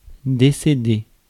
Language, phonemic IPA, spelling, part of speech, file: French, /de.se.de/, décéder, verb, Fr-décéder.ogg
- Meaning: to pass away, decease